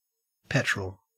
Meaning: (noun) 1. A fluid consisting of a mixture of refined petroleum hydrocarbons, primarily consisting of octane, commonly used as a motor fuel 2. A motor vehicle powered by petrol (as opposed to diesel)
- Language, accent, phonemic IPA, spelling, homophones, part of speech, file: English, Australia, /ˈpɛt.ɹəl/, petrol, petrel, noun / verb, En-au-petrol.ogg